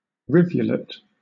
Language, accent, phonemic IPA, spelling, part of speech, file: English, Southern England, /ˈɹɪv.jʊ.lɪt/, rivulet, noun, LL-Q1860 (eng)-rivulet.wav
- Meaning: 1. A small stream; a streamlet; a gill 2. Perizoma affinitatum, a geometrid moth